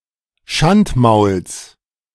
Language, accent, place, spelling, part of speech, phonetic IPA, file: German, Germany, Berlin, Schandmauls, noun, [ˈʃantˌmaʊ̯ls], De-Schandmauls.ogg
- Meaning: genitive singular of Schandmaul